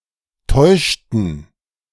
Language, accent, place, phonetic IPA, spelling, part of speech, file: German, Germany, Berlin, [ˈtɔɪ̯ʃtn̩], täuschten, verb, De-täuschten.ogg
- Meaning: inflection of täuschen: 1. first/third-person plural preterite 2. first/third-person plural subjunctive II